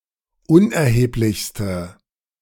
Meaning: inflection of unerheblich: 1. strong/mixed nominative/accusative feminine singular superlative degree 2. strong nominative/accusative plural superlative degree
- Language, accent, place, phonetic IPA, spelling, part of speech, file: German, Germany, Berlin, [ˈʊnʔɛɐ̯heːplɪçstə], unerheblichste, adjective, De-unerheblichste.ogg